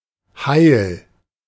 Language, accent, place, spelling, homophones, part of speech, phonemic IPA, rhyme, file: German, Germany, Berlin, Heil, heil, noun / proper noun, /haɪ̯l/, -aɪ̯l, De-Heil.ogg
- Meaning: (noun) 1. health, salvation, well-being, happiness, a state of intactness and prosperity 2. salvation, wellbeing in the afterlife; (proper noun) a surname